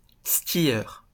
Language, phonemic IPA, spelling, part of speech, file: French, /ski.jœʁ/, skieur, noun, LL-Q150 (fra)-skieur.wav
- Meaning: skier (someone who skis)